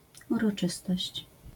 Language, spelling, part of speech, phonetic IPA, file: Polish, uroczystość, noun, [ˌurɔˈt͡ʃɨstɔɕt͡ɕ], LL-Q809 (pol)-uroczystość.wav